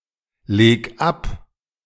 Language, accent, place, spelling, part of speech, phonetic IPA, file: German, Germany, Berlin, leg ab, verb, [ˌleːk ˈap], De-leg ab.ogg
- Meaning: 1. singular imperative of ablegen 2. first-person singular present of ablegen